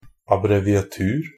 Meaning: a ligature, abbreviation (in older manuscripts and printed books)
- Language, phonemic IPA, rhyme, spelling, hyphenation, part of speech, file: Norwegian Bokmål, /abrɛʋɪaˈtʉːr/, -ʉːr, abbreviatur, ab‧bre‧vi‧a‧tur, noun, NB - Pronunciation of Norwegian Bokmål «abbreviatur».ogg